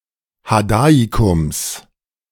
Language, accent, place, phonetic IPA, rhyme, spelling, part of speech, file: German, Germany, Berlin, [haˈdaːikʊms], -aːikʊms, Hadaikums, noun, De-Hadaikums.ogg
- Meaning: genitive singular of Hadaikum